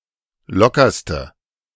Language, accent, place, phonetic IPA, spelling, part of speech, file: German, Germany, Berlin, [ˈlɔkɐstə], lockerste, adjective, De-lockerste.ogg
- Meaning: inflection of locker: 1. strong/mixed nominative/accusative feminine singular superlative degree 2. strong nominative/accusative plural superlative degree